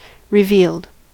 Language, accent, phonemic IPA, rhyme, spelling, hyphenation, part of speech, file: English, US, /ɹəˈviːld/, -iːld, revealed, re‧vealed, adjective / verb, En-us-revealed.ogg
- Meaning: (adjective) Of or pertaining to the revelations of a divinity to humankind; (verb) simple past and past participle of reveal